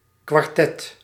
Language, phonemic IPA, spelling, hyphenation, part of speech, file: Dutch, /kʋɑrˈtɛt/, kwartet, kwar‧tet, noun / verb, Nl-kwartet.ogg